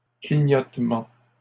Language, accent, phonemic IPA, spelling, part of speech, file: French, Canada, /kli.ɲɔt.mɑ̃/, clignotements, noun, LL-Q150 (fra)-clignotements.wav
- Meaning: plural of clignotement